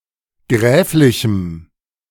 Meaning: strong dative masculine/neuter singular of gräflich
- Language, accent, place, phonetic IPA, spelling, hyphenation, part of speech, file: German, Germany, Berlin, [ˈɡʁɛːflɪçm̩], gräflichem, gräf‧li‧chem, adjective, De-gräflichem.ogg